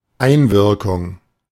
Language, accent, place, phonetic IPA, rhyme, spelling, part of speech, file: German, Germany, Berlin, [ˈaɪ̯nvɪʁkʊŋ], -ɪʁkʊŋ, Einwirkung, noun, De-Einwirkung.ogg
- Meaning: 1. influence (on), exposure (to) 2. effect or impact